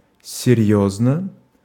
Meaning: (adverb) seriously, gravely, earnestly; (interjection) indeed, really; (adjective) short neuter singular of серьёзный (serʹjóznyj)
- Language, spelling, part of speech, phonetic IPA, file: Russian, серьёзно, adverb / interjection / adjective, [sʲɪˈrʲjɵznə], Ru-серьёзно.ogg